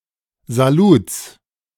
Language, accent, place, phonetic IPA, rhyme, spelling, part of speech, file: German, Germany, Berlin, [zaˈluːt͡s], -uːt͡s, Saluts, noun, De-Saluts.ogg
- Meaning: genitive singular of Salut